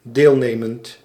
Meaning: present participle of deelnemen
- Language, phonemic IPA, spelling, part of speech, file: Dutch, /ˈdelnemənt/, deelnemend, verb / adjective, Nl-deelnemend.ogg